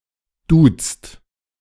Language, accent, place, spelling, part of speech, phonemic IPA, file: German, Germany, Berlin, duzt, verb, /duːtst/, De-duzt.ogg
- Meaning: inflection of duzen: 1. second/third-person singular present 2. second-person plural present 3. plural imperative